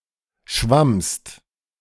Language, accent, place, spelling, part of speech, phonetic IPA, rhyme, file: German, Germany, Berlin, schwammst, verb, [ʃvamst], -amst, De-schwammst.ogg
- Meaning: second-person singular preterite of schwimmen